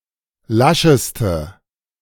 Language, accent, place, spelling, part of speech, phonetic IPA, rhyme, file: German, Germany, Berlin, lascheste, adjective, [ˈlaʃəstə], -aʃəstə, De-lascheste.ogg
- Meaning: inflection of lasch: 1. strong/mixed nominative/accusative feminine singular superlative degree 2. strong nominative/accusative plural superlative degree